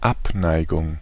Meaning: aversion (dislike)
- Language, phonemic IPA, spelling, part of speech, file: German, /ˈʔapˌnaɪ̯ɡʊŋ/, Abneigung, noun, De-Abneigung.ogg